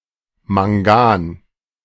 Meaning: manganese
- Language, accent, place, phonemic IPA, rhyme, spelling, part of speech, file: German, Germany, Berlin, /maŋˈɡaːn/, -aːn, Mangan, noun, De-Mangan.ogg